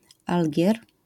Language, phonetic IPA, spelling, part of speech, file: Polish, [ˈalʲɟɛr], Algier, proper noun, LL-Q809 (pol)-Algier.wav